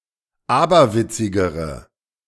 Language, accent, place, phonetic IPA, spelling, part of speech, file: German, Germany, Berlin, [ˈaːbɐˌvɪt͡sɪɡəʁə], aberwitzigere, adjective, De-aberwitzigere.ogg
- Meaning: inflection of aberwitzig: 1. strong/mixed nominative/accusative feminine singular comparative degree 2. strong nominative/accusative plural comparative degree